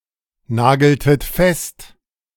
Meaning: inflection of festnageln: 1. second-person plural preterite 2. second-person plural subjunctive II
- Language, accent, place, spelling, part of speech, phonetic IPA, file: German, Germany, Berlin, nageltet fest, verb, [ˌnaːɡl̩tət ˈfɛst], De-nageltet fest.ogg